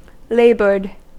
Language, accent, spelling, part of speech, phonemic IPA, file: English, US, laboured, adjective / verb, /ˈleɪ.bɚd/, En-us-laboured.ogg
- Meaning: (adjective) 1. Expressive of strenuous effort 2. Of writing or speech or similar, stilted or not natural due to too much effort being used in the production